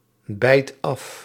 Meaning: inflection of afbijten: 1. first/second/third-person singular present indicative 2. imperative
- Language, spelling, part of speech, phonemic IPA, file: Dutch, bijt af, verb, /ˈbɛit ˈɑf/, Nl-bijt af.ogg